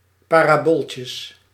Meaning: plural of parabooltje
- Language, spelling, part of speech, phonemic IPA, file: Dutch, parabooltjes, noun, /ˌparaˈboltʲəs/, Nl-parabooltjes.ogg